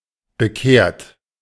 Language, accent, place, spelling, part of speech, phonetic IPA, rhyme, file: German, Germany, Berlin, bekehrt, verb, [bəˈkeːɐ̯t], -eːɐ̯t, De-bekehrt.ogg
- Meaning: 1. past participle of bekehren 2. inflection of bekehren: third-person singular present 3. inflection of bekehren: second-person plural present 4. inflection of bekehren: plural imperative